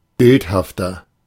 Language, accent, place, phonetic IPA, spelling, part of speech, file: German, Germany, Berlin, [ˈbɪlthaftɐ], bildhafter, adjective, De-bildhafter.ogg
- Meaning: 1. comparative degree of bildhaft 2. inflection of bildhaft: strong/mixed nominative masculine singular 3. inflection of bildhaft: strong genitive/dative feminine singular